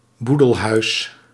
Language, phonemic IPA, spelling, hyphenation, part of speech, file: Dutch, /ˈbu.dəlˌɦœy̯s/, boedelhuis, boe‧del‧huis, noun, Nl-boedelhuis.ogg
- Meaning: dated form of boelhuis